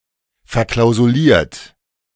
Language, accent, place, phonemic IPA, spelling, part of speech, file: German, Germany, Berlin, /fɛɐ̯ˌklaʊ̯zuˈliːɐ̯t/, verklausuliert, verb / adjective, De-verklausuliert.ogg
- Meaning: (verb) past participle of verklausulieren; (adjective) constrained by conditions that have multiple clauses